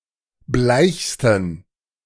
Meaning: 1. superlative degree of bleich 2. inflection of bleich: strong genitive masculine/neuter singular superlative degree
- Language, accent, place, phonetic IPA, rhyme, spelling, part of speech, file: German, Germany, Berlin, [ˈblaɪ̯çstn̩], -aɪ̯çstn̩, bleichsten, adjective, De-bleichsten.ogg